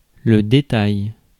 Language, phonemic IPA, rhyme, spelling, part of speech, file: French, /de.taj/, -aj, détail, noun, Fr-détail.ogg
- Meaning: detail (something small enough to escape casual notice, or a profusion of details)